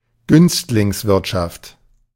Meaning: favouritism, cronyism
- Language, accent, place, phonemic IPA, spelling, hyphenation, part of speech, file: German, Germany, Berlin, /ˈɡʏnstlɪŋsˌvɪʁtʃaft/, Günstlingswirtschaft, Günst‧lings‧wirt‧schaft, noun, De-Günstlingswirtschaft.ogg